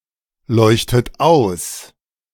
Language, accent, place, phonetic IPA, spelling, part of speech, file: German, Germany, Berlin, [ˌlɔɪ̯çtət ˈaʊ̯s], leuchtet aus, verb, De-leuchtet aus.ogg
- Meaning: inflection of ausleuchten: 1. second-person plural present 2. second-person plural subjunctive I 3. third-person singular present 4. plural imperative